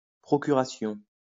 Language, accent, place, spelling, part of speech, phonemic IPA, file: French, France, Lyon, procuration, noun, /pʁɔ.ky.ʁa.sjɔ̃/, LL-Q150 (fra)-procuration.wav
- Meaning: 1. proxy 2. power of attorney